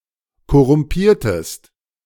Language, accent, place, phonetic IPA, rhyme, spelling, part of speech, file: German, Germany, Berlin, [kɔʁʊmˈpiːɐ̯təst], -iːɐ̯təst, korrumpiertest, verb, De-korrumpiertest.ogg
- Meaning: inflection of korrumpieren: 1. second-person singular preterite 2. second-person singular subjunctive II